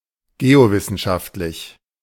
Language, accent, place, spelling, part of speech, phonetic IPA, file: German, Germany, Berlin, geowissenschaftlich, adjective, [ˈɡeːoˌvɪsn̩ʃaftlɪç], De-geowissenschaftlich.ogg
- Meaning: geoscientific